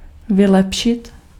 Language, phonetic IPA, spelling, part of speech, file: Czech, [ˈvɪlɛpʃɪt], vylepšit, verb, Cs-vylepšit.ogg
- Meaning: to improve